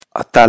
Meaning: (noun) hero, champion, victor; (adjective) brave, bold, heroic
- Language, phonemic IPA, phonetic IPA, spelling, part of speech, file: Pashto, /a.təl/, [ä.t̪ə́l], اتل, noun / adjective, اتل-کندوز.ogg